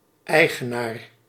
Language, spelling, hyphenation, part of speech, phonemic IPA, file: Dutch, eigenaar, ei‧ge‧naar, noun, /ˈɛi̯.ɣəˌnaːr/, Nl-eigenaar.ogg
- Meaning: owner